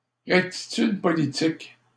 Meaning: political correctness
- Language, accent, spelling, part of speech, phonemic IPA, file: French, Canada, rectitude politique, noun, /ʁɛk.ti.tyd pɔ.li.tik/, LL-Q150 (fra)-rectitude politique.wav